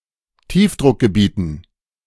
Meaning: dative plural of Tiefdruckgebiet
- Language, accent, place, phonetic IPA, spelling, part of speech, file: German, Germany, Berlin, [ˈtiːfdʁʊkɡəˌbiːtn̩], Tiefdruckgebieten, noun, De-Tiefdruckgebieten.ogg